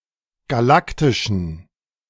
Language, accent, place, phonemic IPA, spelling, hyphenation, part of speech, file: German, Germany, Berlin, /ɡaˈlaktɪʃn̩/, galaktischen, ga‧lak‧ti‧schen, adjective, De-galaktischen.ogg
- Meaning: inflection of galaktisch: 1. strong genitive masculine/neuter singular 2. weak/mixed genitive/dative all-gender singular 3. strong/weak/mixed accusative masculine singular 4. strong dative plural